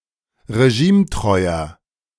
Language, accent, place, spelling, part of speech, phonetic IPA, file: German, Germany, Berlin, regimetreuer, adjective, [ʁeˈʒiːmˌtʁɔɪ̯ɐ], De-regimetreuer.ogg
- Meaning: 1. comparative degree of regimetreu 2. inflection of regimetreu: strong/mixed nominative masculine singular 3. inflection of regimetreu: strong genitive/dative feminine singular